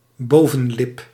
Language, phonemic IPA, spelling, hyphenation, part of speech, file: Dutch, /ˈboː.və(n)ˌlɪp/, bovenlip, bo‧ven‧lip, noun, Nl-bovenlip.ogg
- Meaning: upper lip